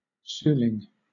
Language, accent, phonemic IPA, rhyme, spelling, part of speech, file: English, Southern England, /ˈsuːlɪŋ/, -uːlɪŋ, suling, noun, LL-Q1860 (eng)-suling.wav
- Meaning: 1. An Indonesian flute made of bamboo 2. Alternative form of sulung